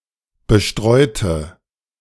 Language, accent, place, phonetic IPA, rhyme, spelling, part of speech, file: German, Germany, Berlin, [bəˈʃtʁɔɪ̯tə], -ɔɪ̯tə, bestreute, adjective / verb, De-bestreute.ogg
- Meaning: inflection of bestreuen: 1. first/third-person singular preterite 2. first/third-person singular subjunctive II